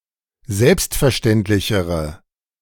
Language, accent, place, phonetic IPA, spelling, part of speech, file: German, Germany, Berlin, [ˈzɛlpstfɛɐ̯ˌʃtɛntlɪçəʁə], selbstverständlichere, adjective, De-selbstverständlichere.ogg
- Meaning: inflection of selbstverständlich: 1. strong/mixed nominative/accusative feminine singular comparative degree 2. strong nominative/accusative plural comparative degree